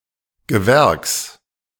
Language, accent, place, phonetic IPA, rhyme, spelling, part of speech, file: German, Germany, Berlin, [ɡəˈvɛʁks], -ɛʁks, Gewerks, noun, De-Gewerks.ogg
- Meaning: genitive of Gewerk